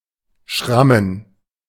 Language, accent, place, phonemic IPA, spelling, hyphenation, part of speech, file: German, Germany, Berlin, /ˈʃʁamən/, schrammen, schram‧men, verb, De-schrammen.ogg
- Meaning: 1. to scratch, scrape 2. to scrape by/against/etc., to squeeze past